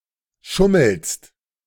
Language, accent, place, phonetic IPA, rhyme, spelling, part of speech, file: German, Germany, Berlin, [ˈʃʊml̩st], -ʊml̩st, schummelst, verb, De-schummelst.ogg
- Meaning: second-person singular present of schummeln